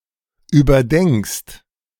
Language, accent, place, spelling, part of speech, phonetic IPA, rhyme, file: German, Germany, Berlin, überdenkst, verb, [yːbɐˈdɛŋkst], -ɛŋkst, De-überdenkst.ogg
- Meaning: second-person singular present of überdenken